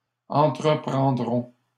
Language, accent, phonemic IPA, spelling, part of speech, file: French, Canada, /ɑ̃.tʁə.pʁɑ̃.dʁɔ̃/, entreprendrons, verb, LL-Q150 (fra)-entreprendrons.wav
- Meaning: first-person plural future of entreprendre